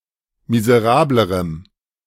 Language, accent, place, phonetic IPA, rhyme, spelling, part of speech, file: German, Germany, Berlin, [mizəˈʁaːbləʁəm], -aːbləʁəm, miserablerem, adjective, De-miserablerem.ogg
- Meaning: strong dative masculine/neuter singular comparative degree of miserabel